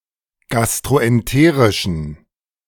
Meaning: inflection of gastroenterisch: 1. strong genitive masculine/neuter singular 2. weak/mixed genitive/dative all-gender singular 3. strong/weak/mixed accusative masculine singular 4. strong dative plural
- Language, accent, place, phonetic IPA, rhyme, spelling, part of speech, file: German, Germany, Berlin, [ˌɡastʁoʔɛnˈteːʁɪʃn̩], -eːʁɪʃn̩, gastroenterischen, adjective, De-gastroenterischen.ogg